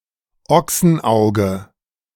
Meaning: 1. ox' eye 2. oculus 3. oxeye daisy 4. fried egg
- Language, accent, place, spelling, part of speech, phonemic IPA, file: German, Germany, Berlin, Ochsenauge, noun, /ˈɔksn̩ˌʔaʊ̯ɡə/, De-Ochsenauge.ogg